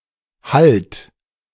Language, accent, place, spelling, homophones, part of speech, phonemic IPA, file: German, Germany, Berlin, hallt, halt / Halt, verb, /halt/, De-hallt.ogg
- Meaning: inflection of hallen: 1. third-person singular present 2. second-person plural present 3. plural imperative